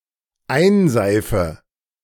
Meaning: inflection of einseifen: 1. first-person singular dependent present 2. first/third-person singular dependent subjunctive I
- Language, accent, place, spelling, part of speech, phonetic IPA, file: German, Germany, Berlin, einseife, verb, [ˈaɪ̯nˌzaɪ̯fə], De-einseife.ogg